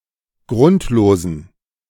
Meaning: inflection of grundlos: 1. strong genitive masculine/neuter singular 2. weak/mixed genitive/dative all-gender singular 3. strong/weak/mixed accusative masculine singular 4. strong dative plural
- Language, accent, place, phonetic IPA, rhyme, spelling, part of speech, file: German, Germany, Berlin, [ˈɡʁʊntloːzn̩], -ʊntloːzn̩, grundlosen, adjective, De-grundlosen.ogg